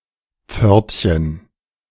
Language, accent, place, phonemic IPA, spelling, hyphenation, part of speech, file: German, Germany, Berlin, /ˈpfœʁtçən/, Pförtchen, Pfört‧chen, noun, De-Pförtchen.ogg
- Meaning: 1. diminutive of Pforte: little gate 2. alternative spelling of Förtchen (“kind of pastry”)